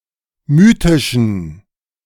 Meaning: inflection of mythisch: 1. strong genitive masculine/neuter singular 2. weak/mixed genitive/dative all-gender singular 3. strong/weak/mixed accusative masculine singular 4. strong dative plural
- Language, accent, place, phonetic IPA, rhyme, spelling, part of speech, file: German, Germany, Berlin, [ˈmyːtɪʃn̩], -yːtɪʃn̩, mythischen, adjective, De-mythischen.ogg